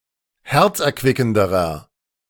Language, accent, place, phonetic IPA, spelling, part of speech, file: German, Germany, Berlin, [ˈhɛʁt͡sʔɛɐ̯ˌkvɪkn̩dəʁɐ], herzerquickenderer, adjective, De-herzerquickenderer.ogg
- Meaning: inflection of herzerquickend: 1. strong/mixed nominative masculine singular comparative degree 2. strong genitive/dative feminine singular comparative degree